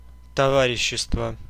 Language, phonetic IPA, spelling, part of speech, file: Russian, [tɐˈvarʲɪɕːɪstvə], товарищество, noun, Ru-товарищество.ogg
- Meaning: 1. comradeship, fellowship 2. association, company